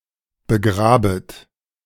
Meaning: second-person plural subjunctive I of begraben
- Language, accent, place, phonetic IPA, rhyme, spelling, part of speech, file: German, Germany, Berlin, [bəˈɡʁaːbət], -aːbət, begrabet, verb, De-begrabet.ogg